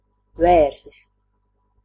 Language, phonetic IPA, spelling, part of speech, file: Latvian, [vɛ̀ːrsis], vērsis, noun, Lv-vērsis.ogg
- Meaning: ox (male cattle, usually castrated, often used as a beast of burden)